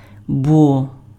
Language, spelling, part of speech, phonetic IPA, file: Ukrainian, бо, conjunction, [bɔ], Uk-бо.ogg
- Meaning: because, for, since, as